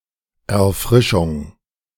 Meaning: refreshment
- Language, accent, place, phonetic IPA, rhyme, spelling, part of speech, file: German, Germany, Berlin, [ɛɐ̯ˈfʁɪʃʊŋ], -ɪʃʊŋ, Erfrischung, noun, De-Erfrischung.ogg